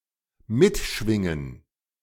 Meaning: to resonate
- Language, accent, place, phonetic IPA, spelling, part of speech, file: German, Germany, Berlin, [ˈmɪtˌʃvɪŋən], mitschwingen, verb, De-mitschwingen.ogg